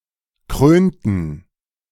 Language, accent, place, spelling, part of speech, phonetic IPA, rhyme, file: German, Germany, Berlin, krönten, verb, [ˈkʁøːntn̩], -øːntn̩, De-krönten.ogg
- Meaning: inflection of krönen: 1. first/third-person plural preterite 2. first/third-person plural subjunctive II